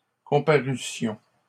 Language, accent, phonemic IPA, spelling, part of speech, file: French, Canada, /kɔ̃.pa.ʁy.sjɔ̃/, comparussions, verb, LL-Q150 (fra)-comparussions.wav
- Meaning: first-person plural imperfect subjunctive of comparaître